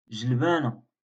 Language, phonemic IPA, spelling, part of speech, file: Moroccan Arabic, /ʒal.baː.na/, جلبانة, noun, LL-Q56426 (ary)-جلبانة.wav
- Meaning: peas